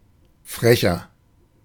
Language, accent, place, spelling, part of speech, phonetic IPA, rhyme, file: German, Germany, Berlin, frecher, adjective, [ˈfʁɛçɐ], -ɛçɐ, De-frecher.ogg
- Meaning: 1. comparative degree of frech 2. inflection of frech: strong/mixed nominative masculine singular 3. inflection of frech: strong genitive/dative feminine singular